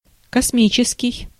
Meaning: 1. space, cosmos; cosmic 2. extremely big, extremely high
- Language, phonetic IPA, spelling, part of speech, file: Russian, [kɐsˈmʲit͡ɕɪskʲɪj], космический, adjective, Ru-космический.ogg